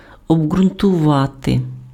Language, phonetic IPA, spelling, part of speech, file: Ukrainian, [ɔbɡrʊntʊˈʋate], обґрунтувати, verb, Uk-обґрунтувати.ogg
- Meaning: to substantiate, to justify (supply evidence or reasoning in support of a proposition)